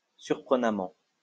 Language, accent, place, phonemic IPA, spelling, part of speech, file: French, France, Lyon, /syʁ.pʁə.na.mɑ̃/, surprenamment, adverb, LL-Q150 (fra)-surprenamment.wav
- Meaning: surprisingly